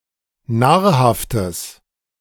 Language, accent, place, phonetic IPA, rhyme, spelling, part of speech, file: German, Germany, Berlin, [ˈnaːɐ̯haftəs], -aːɐ̯haftəs, nahrhaftes, adjective, De-nahrhaftes.ogg
- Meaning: strong/mixed nominative/accusative neuter singular of nahrhaft